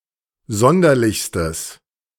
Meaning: strong/mixed nominative/accusative neuter singular superlative degree of sonderlich
- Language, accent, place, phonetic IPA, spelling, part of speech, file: German, Germany, Berlin, [ˈzɔndɐlɪçstəs], sonderlichstes, adjective, De-sonderlichstes.ogg